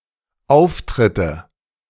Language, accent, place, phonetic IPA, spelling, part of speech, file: German, Germany, Berlin, [ˈaʊ̯ftʁɪtə], Auftritte, noun, De-Auftritte.ogg
- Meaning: nominative/accusative/genitive plural of Auftritt